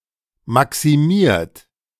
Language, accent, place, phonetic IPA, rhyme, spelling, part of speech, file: German, Germany, Berlin, [ˌmaksiˈmiːɐ̯t], -iːɐ̯t, maximiert, verb, De-maximiert.ogg
- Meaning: 1. past participle of maximieren 2. inflection of maximieren: third-person singular present 3. inflection of maximieren: second-person plural present 4. inflection of maximieren: plural imperative